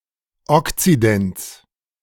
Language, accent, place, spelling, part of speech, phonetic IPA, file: German, Germany, Berlin, Okzidents, noun, [ˈɔkt͡sidɛnt͡s], De-Okzidents.ogg
- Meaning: genitive singular of Okzident